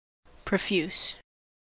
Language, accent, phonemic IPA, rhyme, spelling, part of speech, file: English, US, /pɹəˈfjuːs/, -uːs, profuse, adjective / verb, En-us-profuse.ogg
- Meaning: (adjective) abundant or generous to the point of excess; copious; volubly expressed; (verb) To pour out; to give or spend liberally; to lavish; to squander